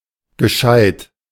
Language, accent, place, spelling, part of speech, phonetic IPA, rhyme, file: German, Germany, Berlin, gescheid, adjective, [ɡəˈʃaɪ̯t], -aɪ̯t, De-gescheid.ogg
- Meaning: obsolete spelling of gescheit